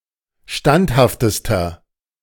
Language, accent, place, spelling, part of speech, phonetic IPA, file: German, Germany, Berlin, standhaftester, adjective, [ˈʃtanthaftəstɐ], De-standhaftester.ogg
- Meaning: inflection of standhaft: 1. strong/mixed nominative masculine singular superlative degree 2. strong genitive/dative feminine singular superlative degree 3. strong genitive plural superlative degree